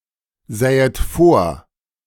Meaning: second-person plural subjunctive II of vorsehen
- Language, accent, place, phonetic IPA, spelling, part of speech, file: German, Germany, Berlin, [ˌzɛːət ˈfoːɐ̯], sähet vor, verb, De-sähet vor.ogg